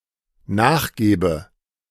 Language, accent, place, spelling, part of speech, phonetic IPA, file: German, Germany, Berlin, nachgebe, verb, [ˈnaːxˌɡeːbə], De-nachgebe.ogg
- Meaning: inflection of nachgeben: 1. first-person singular dependent present 2. first/third-person singular dependent subjunctive I